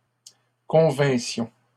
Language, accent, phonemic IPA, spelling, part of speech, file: French, Canada, /kɔ̃.vɛ̃.sjɔ̃/, convinssions, verb, LL-Q150 (fra)-convinssions.wav
- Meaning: first-person plural imperfect subjunctive of convenir